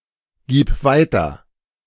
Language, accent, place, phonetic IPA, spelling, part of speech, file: German, Germany, Berlin, [ˌɡiːp ˈvaɪ̯tɐ], gib weiter, verb, De-gib weiter.ogg
- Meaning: singular imperative of weitergeben